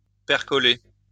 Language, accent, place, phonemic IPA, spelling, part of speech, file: French, France, Lyon, /pɛʁ.kɔ.le/, percoler, verb, LL-Q150 (fra)-percoler.wav
- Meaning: to percolate